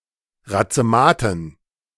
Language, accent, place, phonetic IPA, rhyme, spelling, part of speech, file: German, Germany, Berlin, [ʁat͡səˈmaːtn̩], -aːtn̩, Razematen, noun, De-Razematen.ogg
- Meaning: dative plural of Razemat